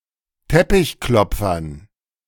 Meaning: dative plural of Teppichklopfer
- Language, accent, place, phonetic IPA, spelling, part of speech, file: German, Germany, Berlin, [ˈtɛpɪçˌklɔp͡fɐn], Teppichklopfern, noun, De-Teppichklopfern.ogg